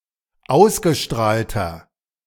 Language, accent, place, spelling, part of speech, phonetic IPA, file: German, Germany, Berlin, ausgestrahlter, adjective, [ˈaʊ̯sɡəˌʃtʁaːltɐ], De-ausgestrahlter.ogg
- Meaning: inflection of ausgestrahlt: 1. strong/mixed nominative masculine singular 2. strong genitive/dative feminine singular 3. strong genitive plural